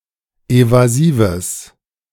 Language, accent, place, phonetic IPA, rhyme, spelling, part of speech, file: German, Germany, Berlin, [ˌevaˈziːvəs], -iːvəs, evasives, adjective, De-evasives.ogg
- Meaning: strong/mixed nominative/accusative neuter singular of evasiv